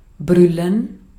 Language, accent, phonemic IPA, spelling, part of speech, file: German, Austria, /ˈbʁʏlən/, brüllen, verb, De-at-brüllen.ogg
- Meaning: to shout, roar